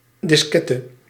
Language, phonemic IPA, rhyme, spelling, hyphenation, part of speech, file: Dutch, /ˌdɪsˈkɛ.tə/, -ɛtə, diskette, dis‧ket‧te, noun, Nl-diskette.ogg
- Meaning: floppy disk, diskette